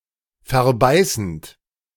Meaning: present participle of verbeißen
- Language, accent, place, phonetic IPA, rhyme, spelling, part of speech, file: German, Germany, Berlin, [fɛɐ̯ˈbaɪ̯sn̩t], -aɪ̯sn̩t, verbeißend, verb, De-verbeißend.ogg